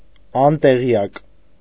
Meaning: uninformed, unaware (of), ignorant
- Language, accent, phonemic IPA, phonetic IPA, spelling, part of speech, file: Armenian, Eastern Armenian, /ɑnteˈʁjɑk/, [ɑnteʁjɑ́k], անտեղյակ, adjective, Hy-անտեղյակ.ogg